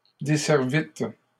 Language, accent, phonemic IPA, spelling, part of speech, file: French, Canada, /de.sɛʁ.vit/, desservîtes, verb, LL-Q150 (fra)-desservîtes.wav
- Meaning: second-person plural past historic of desservir